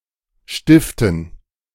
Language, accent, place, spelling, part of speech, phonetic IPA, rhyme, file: German, Germany, Berlin, Stiften, noun, [ˈʃtɪftn̩], -ɪftn̩, De-Stiften.ogg
- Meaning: dative plural of Stift